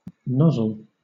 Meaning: 1. A short tube, usually tapering, forming the vent of a hose or pipe 2. A short outlet or inlet pipe projecting from the end or side of a hollow vessel, as a steam-engine cylinder or a steam boiler
- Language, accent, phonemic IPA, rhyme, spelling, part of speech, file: English, Southern England, /ˈnɒzəl/, -ɒzəl, nozzle, noun, LL-Q1860 (eng)-nozzle.wav